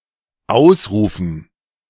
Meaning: dative plural of Ausruf
- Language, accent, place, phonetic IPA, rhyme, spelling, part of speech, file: German, Germany, Berlin, [ˈaʊ̯sˌʁuːfn̩], -aʊ̯sʁuːfn̩, Ausrufen, noun, De-Ausrufen.ogg